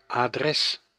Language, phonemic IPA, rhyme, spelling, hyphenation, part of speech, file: Dutch, /aːˈdrɛs/, -ɛs, adres, adres, noun, Nl-adres.ogg
- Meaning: address (direction for letters)